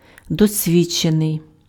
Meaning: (verb) passive adjectival past participle of досві́дчити (dosvídčyty); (adjective) experienced (having experience)
- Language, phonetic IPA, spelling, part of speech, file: Ukrainian, [dɔsʲˈʋʲid͡ʒt͡ʃenei̯], досвідчений, verb / adjective, Uk-досвідчений.ogg